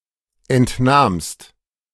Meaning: second-person singular preterite of entnehmen
- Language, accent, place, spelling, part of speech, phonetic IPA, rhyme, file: German, Germany, Berlin, entnahmst, verb, [ˌɛntˈnaːmst], -aːmst, De-entnahmst.ogg